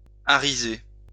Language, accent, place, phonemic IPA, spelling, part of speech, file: French, France, Lyon, /a.ʁi.ze/, arriser, verb, LL-Q150 (fra)-arriser.wav
- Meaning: to reef a sail